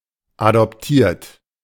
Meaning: 1. past participle of adoptieren 2. inflection of adoptieren: third-person singular present 3. inflection of adoptieren: second-person plural present 4. inflection of adoptieren: plural imperative
- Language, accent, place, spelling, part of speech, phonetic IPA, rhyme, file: German, Germany, Berlin, adoptiert, verb, [adɔpˈtiːɐ̯t], -iːɐ̯t, De-adoptiert.ogg